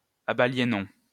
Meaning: inflection of abaliéner: 1. first-person plural present indicative 2. first-person plural imperative
- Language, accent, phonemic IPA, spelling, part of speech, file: French, France, /a.ba.lje.nɔ̃/, abaliénons, verb, LL-Q150 (fra)-abaliénons.wav